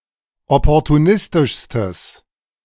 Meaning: strong/mixed nominative/accusative neuter singular superlative degree of opportunistisch
- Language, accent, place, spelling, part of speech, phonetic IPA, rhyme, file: German, Germany, Berlin, opportunistischstes, adjective, [ˌɔpɔʁtuˈnɪstɪʃstəs], -ɪstɪʃstəs, De-opportunistischstes.ogg